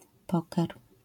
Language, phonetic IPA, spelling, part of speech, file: Polish, [ˈpɔkɛr], poker, noun, LL-Q809 (pol)-poker.wav